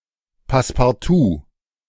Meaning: 1. matte (thick paper or paperboard border used to inset and center the contents of a frame) 2. master key (a key that opens a set of several locks) 3. season ticket
- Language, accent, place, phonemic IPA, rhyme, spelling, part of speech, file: German, Germany, Berlin, /paspaʁˈtuː/, -uː, Passepartout, noun, De-Passepartout.ogg